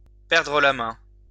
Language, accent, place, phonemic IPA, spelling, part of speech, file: French, France, Lyon, /pɛʁ.dʁə la mɛ̃/, perdre la main, verb, LL-Q150 (fra)-perdre la main.wav
- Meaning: 1. to become out of touch, to lose one's touch, to lose the habit of doing something 2. to lose the advantage of going first